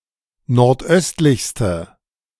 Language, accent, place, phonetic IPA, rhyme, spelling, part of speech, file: German, Germany, Berlin, [nɔʁtˈʔœstlɪçstə], -œstlɪçstə, nordöstlichste, adjective, De-nordöstlichste.ogg
- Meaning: inflection of nordöstlich: 1. strong/mixed nominative/accusative feminine singular superlative degree 2. strong nominative/accusative plural superlative degree